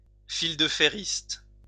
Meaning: tightrope walker (high wire artist)
- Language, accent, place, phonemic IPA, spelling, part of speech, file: French, France, Lyon, /fil.də.fe.ʁist/, fil-de-fériste, noun, LL-Q150 (fra)-fil-de-fériste.wav